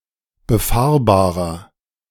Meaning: inflection of befahrbar: 1. strong/mixed nominative masculine singular 2. strong genitive/dative feminine singular 3. strong genitive plural
- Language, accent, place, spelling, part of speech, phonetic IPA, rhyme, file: German, Germany, Berlin, befahrbarer, adjective, [bəˈfaːɐ̯baːʁɐ], -aːɐ̯baːʁɐ, De-befahrbarer.ogg